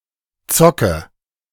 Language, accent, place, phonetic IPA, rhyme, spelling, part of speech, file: German, Germany, Berlin, [ˈt͡sɔkə], -ɔkə, zocke, verb, De-zocke.ogg
- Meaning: inflection of zocken: 1. first-person singular present 2. singular imperative 3. first/third-person singular subjunctive I